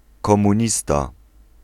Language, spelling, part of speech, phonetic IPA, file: Polish, komunista, noun, [ˌkɔ̃mũˈɲista], Pl-komunista.ogg